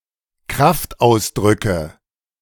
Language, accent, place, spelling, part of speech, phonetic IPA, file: German, Germany, Berlin, Kraftausdrücke, noun, [ˈkʁaftˌʔaʊ̯sdʁʏkə], De-Kraftausdrücke.ogg
- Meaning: nominative/accusative/genitive plural of Kraftausdruck